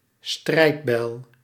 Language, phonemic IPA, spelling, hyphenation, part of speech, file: Dutch, /ˈstrɛi̯t.bɛi̯l/, strijdbijl, strijd‧bijl, noun, Nl-strijdbijl.ogg
- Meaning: battle axe